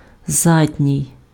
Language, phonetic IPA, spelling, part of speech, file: Ukrainian, [ˈzadʲnʲii̯], задній, adjective, Uk-задній.ogg
- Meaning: rear, back; posterior